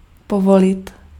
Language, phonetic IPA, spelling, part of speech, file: Czech, [ˈpovolɪt], povolit, verb, Cs-povolit.ogg
- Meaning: 1. to permit, to allow 2. to loosen